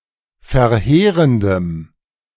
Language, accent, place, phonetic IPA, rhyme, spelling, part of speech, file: German, Germany, Berlin, [fɛɐ̯ˈheːʁəndəm], -eːʁəndəm, verheerendem, adjective, De-verheerendem.ogg
- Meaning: strong dative masculine/neuter singular of verheerend